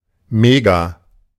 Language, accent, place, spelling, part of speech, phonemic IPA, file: German, Germany, Berlin, mega-, prefix, /meɡa/, De-mega-.ogg
- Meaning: mega-